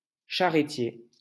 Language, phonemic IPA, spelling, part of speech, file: French, /ʃa.ʁə.tje/, charretier, adjective / noun, LL-Q150 (fra)-charretier.wav
- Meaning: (adjective) cart, wagon; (noun) carter, wagoner